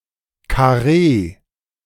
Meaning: 1. square, block 2. rib cut
- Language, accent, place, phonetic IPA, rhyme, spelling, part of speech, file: German, Germany, Berlin, [kaˈʁeː], -eː, Karree, noun, De-Karree.ogg